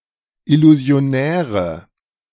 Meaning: inflection of illusionär: 1. strong/mixed nominative/accusative feminine singular 2. strong nominative/accusative plural 3. weak nominative all-gender singular
- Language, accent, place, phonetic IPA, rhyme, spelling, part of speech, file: German, Germany, Berlin, [ɪluzi̯oˈnɛːʁə], -ɛːʁə, illusionäre, adjective, De-illusionäre.ogg